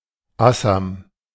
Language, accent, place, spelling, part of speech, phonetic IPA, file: German, Germany, Berlin, Assam, proper noun / noun, [ˈasam], De-Assam.ogg
- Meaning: Assam (a state in northeastern India)